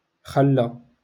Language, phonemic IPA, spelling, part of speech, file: Moroccan Arabic, /xal.la/, خلى, verb, LL-Q56426 (ary)-خلى.wav
- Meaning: to let, to allow